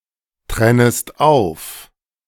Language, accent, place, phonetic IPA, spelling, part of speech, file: German, Germany, Berlin, [ˌtʁɛnəst ˈaʊ̯f], trennest auf, verb, De-trennest auf.ogg
- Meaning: second-person singular subjunctive I of auftrennen